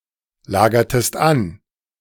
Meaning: inflection of anlagern: 1. second-person singular preterite 2. second-person singular subjunctive II
- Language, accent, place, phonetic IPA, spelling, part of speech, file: German, Germany, Berlin, [ˌlaːɡɐtəst ˈan], lagertest an, verb, De-lagertest an.ogg